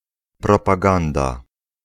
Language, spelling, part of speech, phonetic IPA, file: Polish, propaganda, noun, [ˌprɔpaˈɡãnda], Pl-propaganda.ogg